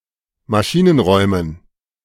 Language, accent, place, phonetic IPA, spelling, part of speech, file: German, Germany, Berlin, [maˈʃiːnənˌʁɔɪ̯mən], Maschinenräumen, noun, De-Maschinenräumen.ogg
- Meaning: dative plural of Maschinenraum